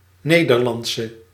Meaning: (adjective) inflection of Nederlands: 1. masculine/feminine singular attributive 2. definite neuter singular attributive 3. plural attributive; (noun) Dutchwoman, Dutch female (from the Netherlands)
- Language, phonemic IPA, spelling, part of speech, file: Dutch, /ˈneː.dərˌlɑnt.sə/, Nederlandse, adjective / noun, Nl-Nederlandse.ogg